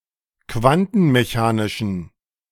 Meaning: inflection of quantenmechanisch: 1. strong genitive masculine/neuter singular 2. weak/mixed genitive/dative all-gender singular 3. strong/weak/mixed accusative masculine singular
- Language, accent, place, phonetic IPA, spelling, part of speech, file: German, Germany, Berlin, [ˈkvantn̩meˌçaːnɪʃn̩], quantenmechanischen, adjective, De-quantenmechanischen.ogg